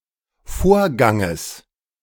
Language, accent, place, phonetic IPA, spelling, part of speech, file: German, Germany, Berlin, [ˈfoːɐ̯ˌɡaŋəs], Vorganges, noun, De-Vorganges.ogg
- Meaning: genitive singular of Vorgang